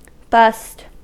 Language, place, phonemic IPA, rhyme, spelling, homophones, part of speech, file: English, California, /bʌst/, -ʌst, bust, bussed / bused, verb / noun / adjective, En-us-bust.ogg
- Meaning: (verb) 1. To break 2. To arrest (someone or a group of people) for a crime